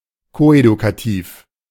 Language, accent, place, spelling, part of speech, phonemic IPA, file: German, Germany, Berlin, koedukativ, adjective, /ˈkoːʔedukaˌtif/, De-koedukativ.ogg
- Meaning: coeducational